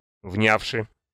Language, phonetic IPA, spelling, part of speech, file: Russian, [ˈvnʲafʂɨ], внявши, verb, Ru-внявши.ogg
- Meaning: past adverbial perfective participle of внять (vnjatʹ)